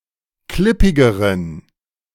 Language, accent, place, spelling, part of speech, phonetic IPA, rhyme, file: German, Germany, Berlin, klippigeren, adjective, [ˈklɪpɪɡəʁən], -ɪpɪɡəʁən, De-klippigeren.ogg
- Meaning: inflection of klippig: 1. strong genitive masculine/neuter singular comparative degree 2. weak/mixed genitive/dative all-gender singular comparative degree